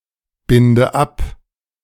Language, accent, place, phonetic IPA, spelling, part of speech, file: German, Germany, Berlin, [ˌbɪndə ˈap], binde ab, verb, De-binde ab.ogg
- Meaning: inflection of abbinden: 1. first-person singular present 2. first/third-person singular subjunctive I 3. singular imperative